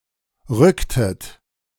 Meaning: inflection of rücken: 1. second-person plural preterite 2. second-person plural subjunctive II
- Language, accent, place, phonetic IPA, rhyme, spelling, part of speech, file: German, Germany, Berlin, [ˈʁʏktət], -ʏktət, rücktet, verb, De-rücktet.ogg